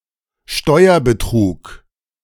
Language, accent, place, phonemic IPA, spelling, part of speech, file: German, Germany, Berlin, /ˈʃtɔɪ̯ɐ.bəˌtʁuːk/, Steuerbetrug, noun, De-Steuerbetrug.ogg
- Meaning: tax fraud